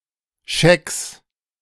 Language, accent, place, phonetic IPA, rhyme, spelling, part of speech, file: German, Germany, Berlin, [ʃɛks], -ɛks, Schecks, noun, De-Schecks.ogg
- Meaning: plural of Scheck